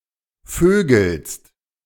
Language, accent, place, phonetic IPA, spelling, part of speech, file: German, Germany, Berlin, [ˈføːɡl̩st], vögelst, verb, De-vögelst.ogg
- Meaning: second-person singular present of vögeln